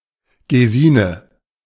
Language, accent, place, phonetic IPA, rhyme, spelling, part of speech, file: German, Germany, Berlin, [ɡeˈziːnə], -iːnə, Gesine, proper noun, De-Gesine.ogg
- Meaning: a female given name